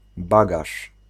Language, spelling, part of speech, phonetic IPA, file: Polish, bagaż, noun, [ˈbaɡaʃ], Pl-bagaż.ogg